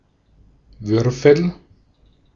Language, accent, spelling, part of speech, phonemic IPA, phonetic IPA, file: German, Austria, Würfel, noun, /ˈvʏʁfəl/, [ˈvʏʁfl̩], De-at-Würfel.ogg
- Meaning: 1. die (game piece) 2. cube; regular polyhedron with six identical square faces